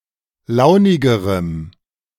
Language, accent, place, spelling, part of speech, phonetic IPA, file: German, Germany, Berlin, launigerem, adjective, [ˈlaʊ̯nɪɡəʁəm], De-launigerem.ogg
- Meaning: strong dative masculine/neuter singular comparative degree of launig